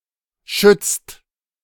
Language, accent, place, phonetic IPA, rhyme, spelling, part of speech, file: German, Germany, Berlin, [ʃʏt͡st], -ʏt͡st, schützt, verb, De-schützt.ogg
- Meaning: inflection of schützen: 1. second/third-person singular present 2. second-person plural present 3. plural imperative